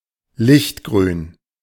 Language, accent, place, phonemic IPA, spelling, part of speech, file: German, Germany, Berlin, /ˈlɪçtˌɡʁyːn/, lichtgrün, adjective, De-lichtgrün.ogg
- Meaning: light green